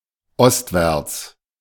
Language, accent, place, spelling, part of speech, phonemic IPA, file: German, Germany, Berlin, ostwärts, adverb, /ˈɔstvɛʁts/, De-ostwärts.ogg
- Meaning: eastward, eastwards (towards the east)